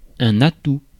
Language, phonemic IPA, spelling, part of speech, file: French, /a.tu/, atout, noun, Fr-atout.ogg
- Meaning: 1. trump 2. advantage, asset